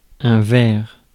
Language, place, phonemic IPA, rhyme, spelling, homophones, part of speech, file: French, Paris, /vɛʁ/, -ɛʁ, verre, vair / ver / verres / vers / vert / verts, noun / verb, Fr-verre.ogg
- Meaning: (noun) 1. glass (substance) 2. glass (substance): symbol of fragility 3. glass (substance): symbol of transparency 4. Object of this substance: lens, glass